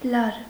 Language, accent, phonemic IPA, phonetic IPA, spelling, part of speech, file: Armenian, Eastern Armenian, /lɑɾ/, [lɑɾ], լար, noun, Hy-լար.ogg
- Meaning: 1. rope, rein, cable, cord, string 2. chord 3. long and narrow strip of tilled land 4. one side of a stable along its length